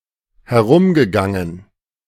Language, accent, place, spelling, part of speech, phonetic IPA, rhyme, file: German, Germany, Berlin, herumgegangen, verb, [hɛˈʁʊmɡəˌɡaŋən], -ʊmɡəɡaŋən, De-herumgegangen.ogg
- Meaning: past participle of herumgehen